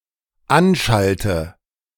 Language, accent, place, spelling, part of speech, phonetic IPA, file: German, Germany, Berlin, anschalte, verb, [ˈanˌʃaltə], De-anschalte.ogg
- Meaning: inflection of anschalten: 1. first-person singular dependent present 2. first/third-person singular dependent subjunctive I